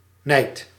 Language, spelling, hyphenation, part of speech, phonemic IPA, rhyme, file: Dutch, nijd, nijd, noun, /nɛi̯t/, -ɛi̯t, Nl-nijd.ogg
- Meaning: 1. envy, jealousy 2. envious or general anger